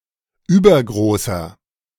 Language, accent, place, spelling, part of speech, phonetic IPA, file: German, Germany, Berlin, übergroßer, adjective, [ˈyːbɐɡʁoːsɐ], De-übergroßer.ogg
- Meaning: inflection of übergroß: 1. strong/mixed nominative masculine singular 2. strong genitive/dative feminine singular 3. strong genitive plural